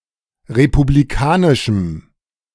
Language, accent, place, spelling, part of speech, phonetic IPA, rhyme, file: German, Germany, Berlin, republikanischem, adjective, [ʁepubliˈkaːnɪʃm̩], -aːnɪʃm̩, De-republikanischem.ogg
- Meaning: strong dative masculine/neuter singular of republikanisch